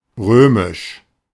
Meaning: Roman
- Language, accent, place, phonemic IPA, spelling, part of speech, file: German, Germany, Berlin, /ˈʁøːmɪʃ/, römisch, adjective, De-römisch.ogg